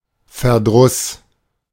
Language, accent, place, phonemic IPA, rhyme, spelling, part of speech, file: German, Germany, Berlin, /fɛɐ̯ˈdʁʊs/, -ʊs, Verdruss, noun, De-Verdruss.ogg
- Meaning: displeasure, chagrin